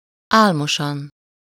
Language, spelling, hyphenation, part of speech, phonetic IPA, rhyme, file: Hungarian, álmosan, ál‧mo‧san, adverb, [ˈaːlmoʃɒn], -ɒn, Hu-álmosan.ogg
- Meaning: sleepily